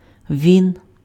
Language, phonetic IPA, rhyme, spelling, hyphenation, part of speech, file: Ukrainian, [ʋʲin], -in, він, він, pronoun, Uk-він.ogg
- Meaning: he